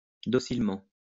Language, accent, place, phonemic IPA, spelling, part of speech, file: French, France, Lyon, /dɔ.sil.mɑ̃/, docilement, adverb, LL-Q150 (fra)-docilement.wav
- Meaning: docilely, obediently